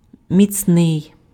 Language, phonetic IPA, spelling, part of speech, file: Ukrainian, [mʲit͡sˈnɪi̯], міцний, adjective, Uk-міцний.ogg
- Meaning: 1. strong, powerful 2. sturdy, robust